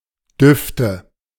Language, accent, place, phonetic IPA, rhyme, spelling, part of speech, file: German, Germany, Berlin, [ˈdʏftə], -ʏftə, Düfte, noun, De-Düfte.ogg
- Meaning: nominative/accusative/genitive plural of Duft